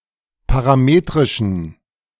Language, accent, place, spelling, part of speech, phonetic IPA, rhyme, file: German, Germany, Berlin, parametrischen, adjective, [paʁaˈmeːtʁɪʃn̩], -eːtʁɪʃn̩, De-parametrischen.ogg
- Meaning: inflection of parametrisch: 1. strong genitive masculine/neuter singular 2. weak/mixed genitive/dative all-gender singular 3. strong/weak/mixed accusative masculine singular 4. strong dative plural